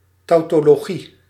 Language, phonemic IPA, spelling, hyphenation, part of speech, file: Dutch, /ˌtɑutoloˈɣi/, tautologie, tau‧to‧lo‧gie, noun, Nl-tautologie.ogg
- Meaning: tautology